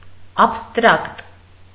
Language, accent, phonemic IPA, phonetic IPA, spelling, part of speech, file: Armenian, Eastern Armenian, /ɑpʰstˈɾɑkt/, [ɑpʰstɾɑ́kt], աբստրակտ, adjective, Hy-աբստրակտ.ogg
- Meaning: abstract